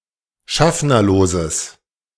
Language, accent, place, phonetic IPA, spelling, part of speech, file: German, Germany, Berlin, [ˈʃafnɐloːzəs], schaffnerloses, adjective, De-schaffnerloses.ogg
- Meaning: strong/mixed nominative/accusative neuter singular of schaffnerlos